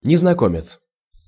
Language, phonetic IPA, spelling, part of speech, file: Russian, [nʲɪznɐˈkomʲɪt͡s], незнакомец, noun, Ru-незнакомец.ogg
- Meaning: stranger, alien (person, etc. from outside)